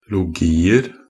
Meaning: indefinite plural of -logi
- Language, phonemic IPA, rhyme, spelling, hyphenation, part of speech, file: Norwegian Bokmål, /lʊˈɡiːər/, -ər, -logier, -lo‧gi‧er, suffix, Nb--logier.ogg